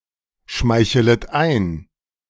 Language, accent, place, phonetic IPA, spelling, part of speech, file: German, Germany, Berlin, [ˌʃmaɪ̯çələt ˈaɪ̯n], schmeichelet ein, verb, De-schmeichelet ein.ogg
- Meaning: second-person plural subjunctive I of einschmeicheln